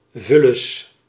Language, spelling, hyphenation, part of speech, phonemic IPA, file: Dutch, vullis, vul‧lis, noun, /ˈvʏ.ləs/, Nl-vullis.ogg
- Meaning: 1. alternative form of vuilnis 2. scum, trash, riffraff